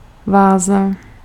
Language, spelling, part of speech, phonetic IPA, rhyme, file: Czech, váza, noun, [ˈvaːza], -aːza, Cs-váza.ogg
- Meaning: vase